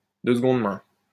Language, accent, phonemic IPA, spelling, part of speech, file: French, France, /də s(ə).ɡɔ̃d mɛ̃/, de seconde main, adjective, LL-Q150 (fra)-de seconde main.wav
- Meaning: secondhand